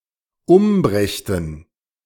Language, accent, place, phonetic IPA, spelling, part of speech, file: German, Germany, Berlin, [ˈʊmˌbʁɛçtn̩], umbrächten, verb, De-umbrächten.ogg
- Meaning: first/third-person plural dependent subjunctive II of umbringen